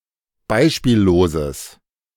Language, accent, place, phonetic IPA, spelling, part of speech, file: German, Germany, Berlin, [ˈbaɪ̯ʃpiːlloːzəs], beispielloses, adjective, De-beispielloses.ogg
- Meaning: strong/mixed nominative/accusative neuter singular of beispiellos